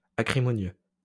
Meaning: acrimonious
- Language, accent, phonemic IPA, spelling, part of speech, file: French, France, /a.kʁi.mɔ.njø/, acrimonieux, adjective, LL-Q150 (fra)-acrimonieux.wav